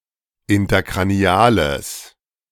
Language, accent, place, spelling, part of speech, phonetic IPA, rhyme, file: German, Germany, Berlin, interkraniales, adjective, [ɪntɐkʁaˈni̯aːləs], -aːləs, De-interkraniales.ogg
- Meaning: strong/mixed nominative/accusative neuter singular of interkranial